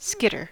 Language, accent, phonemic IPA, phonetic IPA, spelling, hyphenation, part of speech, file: English, General American, /ˈskɪtɚ/, [ˈskɪɾɚ], skitter, skit‧ter, verb / noun, En-us-skitter.ogg
- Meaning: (verb) 1. To move hurriedly or as by bouncing or twitching; to scamper, to scurry; to scuttle 2. To make a scratching or scuttling noise while, or as if, skittering